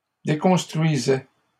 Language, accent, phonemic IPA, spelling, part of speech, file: French, Canada, /de.kɔ̃s.tʁɥi.zɛ/, déconstruisait, verb, LL-Q150 (fra)-déconstruisait.wav
- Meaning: third-person singular imperfect indicative of déconstruire